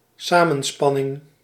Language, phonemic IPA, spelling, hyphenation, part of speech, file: Dutch, /ˈsaː.mə(n)ˌspɑ.nɪŋ/, samenspanning, sa‧men‧span‧ning, noun, Nl-samenspanning.ogg
- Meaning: conspiracy